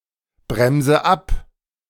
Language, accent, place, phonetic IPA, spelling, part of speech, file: German, Germany, Berlin, [ˌbʁɛmzə ˈap], bremse ab, verb, De-bremse ab.ogg
- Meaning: inflection of abbremsen: 1. first-person singular present 2. first/third-person singular subjunctive I 3. singular imperative